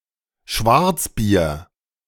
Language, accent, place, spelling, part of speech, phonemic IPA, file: German, Germany, Berlin, Schwarzbier, noun, /ˈʃvaʁt͡sˌbiːɐ̯/, De-Schwarzbier.ogg
- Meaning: black beer